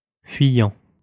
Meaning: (verb) present participle of fuir; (adjective) 1. shifty, elusive, evasive 2. receding
- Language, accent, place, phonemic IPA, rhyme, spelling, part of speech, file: French, France, Lyon, /fɥi.jɑ̃/, -jɑ̃, fuyant, verb / adjective, LL-Q150 (fra)-fuyant.wav